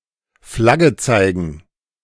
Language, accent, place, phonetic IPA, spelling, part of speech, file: German, Germany, Berlin, [ˈflaɡə ˈt͡saɪ̯ɡn̩], Flagge zeigen, verb, De-Flagge zeigen.ogg
- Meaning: to show the flag